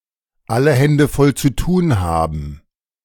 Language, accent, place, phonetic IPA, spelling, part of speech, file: German, Germany, Berlin, [ˈalə ˈhɛndə fɔl t͡su ˈtuːn ˈhaːbn̩], alle Hände voll zu tun haben, phrase, De-alle Hände voll zu tun haben.ogg
- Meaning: to have one's hands full